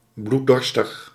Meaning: bloodthirsty
- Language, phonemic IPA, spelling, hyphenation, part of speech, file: Dutch, /blu(t)ˈdɔrstəx/, bloeddorstig, bloed‧dor‧stig, adjective, Nl-bloeddorstig.ogg